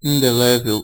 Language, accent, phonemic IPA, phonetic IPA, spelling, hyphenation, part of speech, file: Portuguese, Brazil, /ĩ.deˈlɛ.vew/, [ĩ.deˈlɛ.veʊ̯], indelével, in‧de‧lé‧vel, adjective, Pt-br-indelével.ogg
- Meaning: indelible (difficult to remove or wash away)